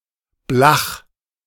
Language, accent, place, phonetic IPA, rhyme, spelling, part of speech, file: German, Germany, Berlin, [blax], -ax, blach, adjective, De-blach.ogg
- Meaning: alternative form of flach